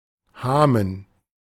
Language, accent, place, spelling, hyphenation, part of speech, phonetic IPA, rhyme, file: German, Germany, Berlin, Hamen, Ha‧men, noun, [ˈhaːmən], -aːmən, De-Hamen.ogg
- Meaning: 1. yoke (for draft animals) 2. stake-net, draw-net, gillnet (a quadrangular fishing net which is kept open by a frame or diagonal poles, and is left in the water for only a short time)